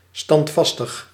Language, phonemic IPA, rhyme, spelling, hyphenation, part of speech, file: Dutch, /ˌstɑntˈfɑs.təx/, -ɑstəx, standvastig, stand‧vast‧ig, adjective, Nl-standvastig.ogg
- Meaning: strong, steadfast, steady